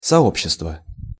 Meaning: 1. community 2. company
- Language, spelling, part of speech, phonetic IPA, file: Russian, сообщество, noun, [sɐˈopɕːɪstvə], Ru-сообщество.ogg